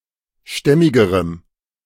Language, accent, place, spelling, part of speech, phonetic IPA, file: German, Germany, Berlin, stämmigerem, adjective, [ˈʃtɛmɪɡəʁəm], De-stämmigerem.ogg
- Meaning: strong dative masculine/neuter singular comparative degree of stämmig